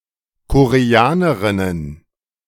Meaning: plural of Koreanerin
- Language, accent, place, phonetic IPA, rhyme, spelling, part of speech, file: German, Germany, Berlin, [koʁeˈaːnəʁɪnən], -aːnəʁɪnən, Koreanerinnen, noun, De-Koreanerinnen.ogg